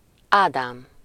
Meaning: 1. Adam (the first man and the progenitor of the human race) 2. a male given name, equivalent to English Adam 3. a surname
- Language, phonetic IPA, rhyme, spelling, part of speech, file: Hungarian, [ˈaːdaːm], -aːm, Ádám, proper noun, Hu-Ádám.ogg